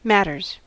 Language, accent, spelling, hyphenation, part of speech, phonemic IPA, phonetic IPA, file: English, US, matters, mat‧ters, noun / verb, /ˈmæt.ɚz/, [ˈmæɾ.ɚz], En-us-matters.ogg
- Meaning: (noun) plural of matter; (verb) third-person singular simple present indicative of matter